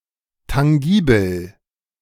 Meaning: tangible
- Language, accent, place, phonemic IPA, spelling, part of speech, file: German, Germany, Berlin, /taŋˈɡiːbl̩/, tangibel, adjective, De-tangibel.ogg